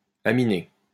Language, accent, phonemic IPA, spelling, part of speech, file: French, France, /a.mi.ne/, aminé, adjective, LL-Q150 (fra)-aminé.wav
- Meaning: amino